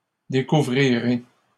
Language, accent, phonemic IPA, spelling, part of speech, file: French, Canada, /de.ku.vʁi.ʁe/, découvrirai, verb, LL-Q150 (fra)-découvrirai.wav
- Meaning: first-person singular future of découvrir